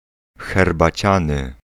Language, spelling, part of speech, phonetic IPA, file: Polish, herbaciany, adjective, [ˌxɛrbaˈt͡ɕãnɨ], Pl-herbaciany.ogg